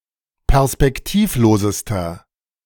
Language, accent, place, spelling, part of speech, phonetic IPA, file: German, Germany, Berlin, perspektivlosester, adjective, [pɛʁspɛkˈtiːfˌloːzəstɐ], De-perspektivlosester.ogg
- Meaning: inflection of perspektivlos: 1. strong/mixed nominative masculine singular superlative degree 2. strong genitive/dative feminine singular superlative degree